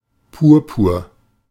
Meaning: 1. the colour purple 2. purpure; purple in heraldry
- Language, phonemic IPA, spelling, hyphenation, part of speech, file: German, /ˈpuːɐ̯puːɐ̯/, Purpur, Pur‧pur, noun, De-purpur.ogg